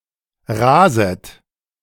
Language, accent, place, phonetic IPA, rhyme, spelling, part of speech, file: German, Germany, Berlin, [ˈʁaːzət], -aːzət, raset, verb, De-raset.ogg
- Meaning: second-person plural subjunctive I of rasen